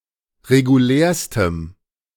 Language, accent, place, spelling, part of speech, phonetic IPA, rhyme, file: German, Germany, Berlin, regulärstem, adjective, [ʁeɡuˈlɛːɐ̯stəm], -ɛːɐ̯stəm, De-regulärstem.ogg
- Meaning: strong dative masculine/neuter singular superlative degree of regulär